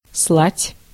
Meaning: to send, to dispatch
- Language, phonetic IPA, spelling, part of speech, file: Russian, [sɫatʲ], слать, verb, Ru-слать.ogg